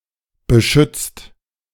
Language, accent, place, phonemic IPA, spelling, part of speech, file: German, Germany, Berlin, /bəˈʃʏt͡st/, beschützt, verb, De-beschützt.ogg
- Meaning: 1. past participle of beschützen 2. inflection of beschützen: second-person singular/plural present 3. inflection of beschützen: third-person singular present